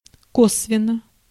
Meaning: indirectly
- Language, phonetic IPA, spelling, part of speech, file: Russian, [ˈkosvʲɪn(ː)ə], косвенно, adverb, Ru-косвенно.ogg